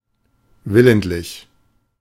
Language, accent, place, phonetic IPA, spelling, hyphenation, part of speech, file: German, Germany, Berlin, [ˈvɪlənˌtlɪç], willentlich, wil‧lent‧lich, adjective / adverb, De-willentlich.ogg
- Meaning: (adjective) deliberate; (adverb) deliberately